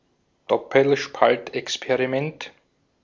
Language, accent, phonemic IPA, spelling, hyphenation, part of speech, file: German, Austria, /ˈdɔpəlʃpaltʔɛkspeʁiˌmɛnt/, Doppelspaltexperiment, Dop‧pel‧spalt‧ex‧pe‧ri‧ment, noun, De-at-Doppelspaltexperiment.ogg
- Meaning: double-slit experiment